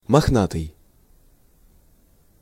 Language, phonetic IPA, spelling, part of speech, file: Russian, [mɐxˈnatɨj], мохнатый, adjective, Ru-мохнатый.ogg
- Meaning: 1. hairy, furry, wooly 2. shaggy, unkempt